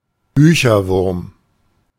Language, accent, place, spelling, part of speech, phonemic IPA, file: German, Germany, Berlin, Bücherwurm, noun, /ˈbyːçɐˌvʊʁm/, De-Bücherwurm.ogg
- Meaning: 1. bookworm (insect) 2. bookworm (person)